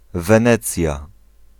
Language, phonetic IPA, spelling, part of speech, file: Polish, [vɛ̃ˈnɛt͡sʲja], Wenecja, proper noun, Pl-Wenecja.ogg